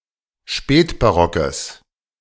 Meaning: strong/mixed nominative/accusative neuter singular of spätbarock
- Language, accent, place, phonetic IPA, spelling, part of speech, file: German, Germany, Berlin, [ˈʃpɛːtbaˌʁɔkəs], spätbarockes, adjective, De-spätbarockes.ogg